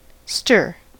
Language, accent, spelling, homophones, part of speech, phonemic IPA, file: English, US, stir, stair, verb / noun, /stɝ/, En-us-stir.ogg
- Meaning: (verb) 1. To disturb the relative position of the particles (of a liquid or similar) by passing an object through it 2. To disturb the content of (a container) by passing an object through it